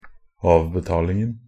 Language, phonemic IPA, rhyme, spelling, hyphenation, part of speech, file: Norwegian Bokmål, /ˈɑːʋbɛtɑːlɪŋn̩/, -ɪŋn̩, avbetalingen, av‧be‧tal‧ing‧en, noun, Nb-avbetalingen.ogg
- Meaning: definite masculine singular of avbetaling